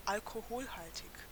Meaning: alcoholic, containing alcohol
- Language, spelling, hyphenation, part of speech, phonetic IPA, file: German, alkoholhaltig, al‧ko‧hol‧hal‧tig, adjective, [ʔalkʰoˈhoːlˌhaltʰɪç], De-alkoholhaltig.ogg